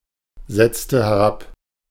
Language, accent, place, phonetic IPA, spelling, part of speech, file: German, Germany, Berlin, [ˌzɛt͡stə hɛˈʁap], setzte herab, verb, De-setzte herab.ogg
- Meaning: inflection of herabsetzen: 1. first/third-person singular preterite 2. first/third-person singular subjunctive II